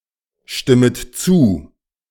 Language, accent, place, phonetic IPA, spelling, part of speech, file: German, Germany, Berlin, [ˌʃtɪmət ˈt͡suː], stimmet zu, verb, De-stimmet zu.ogg
- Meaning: second-person plural subjunctive I of zustimmen